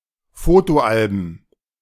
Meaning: plural of Fotoalbum
- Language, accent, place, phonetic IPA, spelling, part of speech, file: German, Germany, Berlin, [ˈfoːtoˌʔalbn̩], Fotoalben, noun, De-Fotoalben.ogg